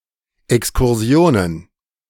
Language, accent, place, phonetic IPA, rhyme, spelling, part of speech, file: German, Germany, Berlin, [ɛkskʊʁˈzi̯oːnən], -oːnən, Exkursionen, noun, De-Exkursionen.ogg
- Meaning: plural of Exkursion